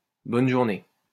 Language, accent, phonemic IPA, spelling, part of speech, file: French, France, /bɔn ʒuʁ.ne/, bonne journée, interjection, LL-Q150 (fra)-bonne journée.wav
- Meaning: have a nice day (a phrase uttered upon a farewell)